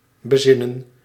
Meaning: 1. to reflect (i.e. think about) 2. to reconsider, to think carefully
- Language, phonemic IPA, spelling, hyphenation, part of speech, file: Dutch, /bəˈzɪ.nə(n)/, bezinnen, be‧zin‧nen, verb, Nl-bezinnen.ogg